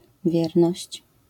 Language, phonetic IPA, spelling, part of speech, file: Polish, [ˈvʲjɛrnɔɕt͡ɕ], wierność, noun, LL-Q809 (pol)-wierność.wav